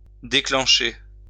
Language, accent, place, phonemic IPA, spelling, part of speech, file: French, France, Lyon, /de.klɑ̃.ʃe/, déclencher, verb, LL-Q150 (fra)-déclencher.wav
- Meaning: 1. to trigger, to spark, to set off 2. to set off (a device) 3. to take off the latch 4. to be under way, to start happening